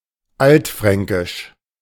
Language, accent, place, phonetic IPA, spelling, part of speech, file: German, Germany, Berlin, [ˈaltˌfʁɛŋkɪʃ], altfränkisch, adjective, De-altfränkisch.ogg
- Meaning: 1. Frankish; Old Franconian (pertaining to the Frankish empire from ca. 450 to ca. 900 AD) 2. Old Frankish, Old Franconian (of or pertaining to the Old Frankish language)